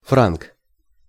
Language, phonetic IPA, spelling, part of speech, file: Russian, [frank], франк, noun, Ru-франк.ogg
- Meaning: 1. franc 2. Frank (member of a Germanic tribe)